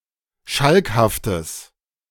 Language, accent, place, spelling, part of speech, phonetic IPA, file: German, Germany, Berlin, schalkhaftes, adjective, [ˈʃalkhaftəs], De-schalkhaftes.ogg
- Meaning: strong/mixed nominative/accusative neuter singular of schalkhaft